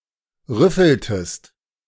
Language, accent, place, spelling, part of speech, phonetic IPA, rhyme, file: German, Germany, Berlin, rüffeltest, verb, [ˈʁʏfl̩təst], -ʏfl̩təst, De-rüffeltest.ogg
- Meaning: inflection of rüffeln: 1. second-person singular preterite 2. second-person singular subjunctive II